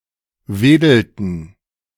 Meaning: inflection of wedeln: 1. first/third-person plural preterite 2. first/third-person plural subjunctive II
- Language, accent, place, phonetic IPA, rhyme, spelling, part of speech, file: German, Germany, Berlin, [ˈveːdl̩tn̩], -eːdl̩tn̩, wedelten, verb, De-wedelten.ogg